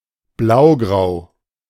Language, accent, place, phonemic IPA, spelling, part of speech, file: German, Germany, Berlin, /ˈblaʊ̯ɡʁaʊ̯/, blaugrau, adjective, De-blaugrau.ogg
- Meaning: blue-grey, slate blue